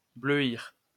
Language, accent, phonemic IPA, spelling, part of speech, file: French, France, /blø.iʁ/, bleuir, verb, LL-Q150 (fra)-bleuir.wav
- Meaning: 1. to make blue, turn blue 2. to turn blue, go blue